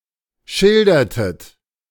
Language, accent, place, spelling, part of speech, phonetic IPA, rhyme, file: German, Germany, Berlin, schildertet, verb, [ˈʃɪldɐtət], -ɪldɐtət, De-schildertet.ogg
- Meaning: inflection of schildern: 1. second-person plural preterite 2. second-person plural subjunctive II